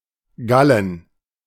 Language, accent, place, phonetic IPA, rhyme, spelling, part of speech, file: German, Germany, Berlin, [ˈɡalən], -alən, Gallen, noun, De-Gallen.ogg
- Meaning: plural of Galle